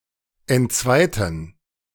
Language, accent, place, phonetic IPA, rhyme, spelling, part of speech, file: German, Germany, Berlin, [ɛntˈt͡svaɪ̯tn̩], -aɪ̯tn̩, entzweiten, adjective / verb, De-entzweiten.ogg
- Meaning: inflection of entzweien: 1. first/third-person plural preterite 2. first/third-person plural subjunctive II